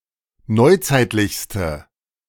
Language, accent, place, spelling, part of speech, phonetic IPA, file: German, Germany, Berlin, neuzeitlichste, adjective, [ˈnɔɪ̯ˌt͡saɪ̯tlɪçstə], De-neuzeitlichste.ogg
- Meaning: inflection of neuzeitlich: 1. strong/mixed nominative/accusative feminine singular superlative degree 2. strong nominative/accusative plural superlative degree